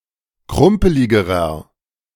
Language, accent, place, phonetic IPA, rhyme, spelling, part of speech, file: German, Germany, Berlin, [ˈkʁʊmpəlɪɡəʁɐ], -ʊmpəlɪɡəʁɐ, krumpeligerer, adjective, De-krumpeligerer.ogg
- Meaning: inflection of krumpelig: 1. strong/mixed nominative masculine singular comparative degree 2. strong genitive/dative feminine singular comparative degree 3. strong genitive plural comparative degree